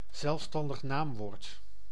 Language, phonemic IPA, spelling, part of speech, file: Dutch, /zɛlfˌstɑn.dəx ˈnaːm.ʋoːrt/, zelfstandig naamwoord, noun, Nl-zelfstandig naamwoord.ogg
- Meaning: substantive, noun